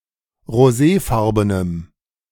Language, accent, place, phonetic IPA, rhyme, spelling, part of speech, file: German, Germany, Berlin, [ʁoˈzeːˌfaʁbənəm], -eːfaʁbənəm, roséfarbenem, adjective, De-roséfarbenem.ogg
- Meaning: strong dative masculine/neuter singular of roséfarben